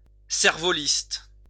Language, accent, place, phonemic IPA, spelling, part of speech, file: French, France, Lyon, /sɛʁ.vɔ.list/, cervoliste, noun, LL-Q150 (fra)-cervoliste.wav
- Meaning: kite flyer (person who flies kites)